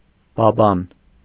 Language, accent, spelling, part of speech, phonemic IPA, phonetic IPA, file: Armenian, Eastern Armenian, բաբան, noun, /bɑˈbɑn/, [bɑbɑ́n], Hy-բաբան.ogg
- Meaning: 1. catapult 2. seesaw (a wooden beam supported midway by a rock on which children swing)